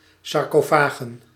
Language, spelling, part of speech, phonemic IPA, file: Dutch, sarcofagen, noun, /ˌsɑrkoˈfaɣə(n)/, Nl-sarcofagen.ogg
- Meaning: plural of sarcofaag